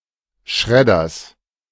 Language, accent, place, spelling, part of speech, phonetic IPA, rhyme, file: German, Germany, Berlin, Schredders, noun, [ˈʃʁɛdɐs], -ɛdɐs, De-Schredders.ogg
- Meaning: genitive singular of Schredder